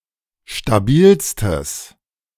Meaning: strong/mixed nominative/accusative neuter singular superlative degree of stabil
- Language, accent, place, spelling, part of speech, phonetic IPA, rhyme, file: German, Germany, Berlin, stabilstes, adjective, [ʃtaˈbiːlstəs], -iːlstəs, De-stabilstes.ogg